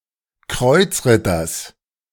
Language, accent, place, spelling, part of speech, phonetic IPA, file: German, Germany, Berlin, Kreuzritters, noun, [ˈkʁɔɪ̯t͡sˌʁɪtɐs], De-Kreuzritters.ogg
- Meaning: genitive singular of Kreuzritter